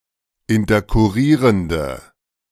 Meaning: inflection of interkurrierend: 1. strong/mixed nominative/accusative feminine singular 2. strong nominative/accusative plural 3. weak nominative all-gender singular
- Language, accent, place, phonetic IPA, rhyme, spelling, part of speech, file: German, Germany, Berlin, [ɪntɐkʊˈʁiːʁəndə], -iːʁəndə, interkurrierende, adjective, De-interkurrierende.ogg